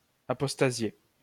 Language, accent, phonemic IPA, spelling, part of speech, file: French, France, /a.pɔs.ta.zje/, apostasier, verb, LL-Q150 (fra)-apostasier.wav
- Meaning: to apostatize